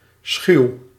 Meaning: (adjective) 1. shy of humans, wild 2. shy, unsociable 3. evasive, shunning; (verb) inflection of schuwen: 1. first-person singular present indicative 2. second-person singular present indicative
- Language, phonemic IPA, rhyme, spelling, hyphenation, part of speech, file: Dutch, /sxyu̯/, -yu̯, schuw, schuw, adjective / verb, Nl-schuw.ogg